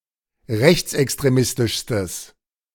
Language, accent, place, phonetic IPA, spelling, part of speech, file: German, Germany, Berlin, [ˈʁɛçt͡sʔɛkstʁeˌmɪstɪʃstəs], rechtsextremistischstes, adjective, De-rechtsextremistischstes.ogg
- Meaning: strong/mixed nominative/accusative neuter singular superlative degree of rechtsextremistisch